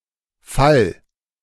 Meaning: 1. singular imperative of fallen 2. first-person singular present of fallen
- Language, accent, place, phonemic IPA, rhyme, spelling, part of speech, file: German, Germany, Berlin, /fal/, -al, fall, verb, De-fall.ogg